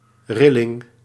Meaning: shiver, shudder (act of shaking)
- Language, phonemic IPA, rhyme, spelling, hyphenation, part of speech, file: Dutch, /ˈrɪ.lɪŋ/, -ɪlɪŋ, rilling, ril‧ling, noun, Nl-rilling.ogg